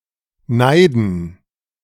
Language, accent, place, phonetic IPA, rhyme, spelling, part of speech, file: German, Germany, Berlin, [ˈnaɪ̯dn̩], -aɪ̯dn̩, neiden, verb, De-neiden.ogg
- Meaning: to have envy